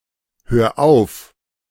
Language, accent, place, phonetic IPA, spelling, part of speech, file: German, Germany, Berlin, [ˌhøːɐ̯ ˈaʊ̯f], hör auf, verb, De-hör auf.ogg
- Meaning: 1. singular imperative of aufhören 2. first-person singular present of aufhören